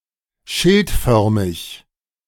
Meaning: scutate, scutiform (shield-shaped)
- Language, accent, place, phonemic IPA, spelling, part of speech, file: German, Germany, Berlin, /ˈʃɪltˌfœʁmɪç/, schildförmig, adjective, De-schildförmig.ogg